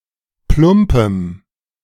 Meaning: strong dative masculine/neuter singular of plump
- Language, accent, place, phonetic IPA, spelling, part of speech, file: German, Germany, Berlin, [ˈplʊmpəm], plumpem, adjective, De-plumpem.ogg